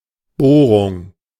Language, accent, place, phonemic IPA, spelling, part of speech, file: German, Germany, Berlin, /ˈboːʁʊŋ/, Bohrung, noun, De-Bohrung.ogg
- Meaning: 1. bore (the result of drilling, e.g. a hole) 2. drilling, boring